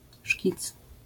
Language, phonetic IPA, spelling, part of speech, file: Polish, [ʃʲcit͡s], szkic, noun, LL-Q809 (pol)-szkic.wav